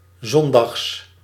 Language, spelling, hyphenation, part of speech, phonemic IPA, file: Dutch, zondags, zon‧dags, adjective / adverb / noun, /ˈzɔn.dɑxs/, Nl-zondags.ogg
- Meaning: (adjective) 1. Sunday 2. appropriate for Sunday, proper, formal; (adverb) synonym of 's zondags; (noun) genitive singular of zondag